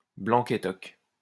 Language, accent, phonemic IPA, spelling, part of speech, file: French, France, /blɑ̃.k‿e.tɔk/, blanc-étoc, noun, LL-Q150 (fra)-blanc-étoc.wav
- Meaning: the total cutting-down of a forest, wood etc, clearcutting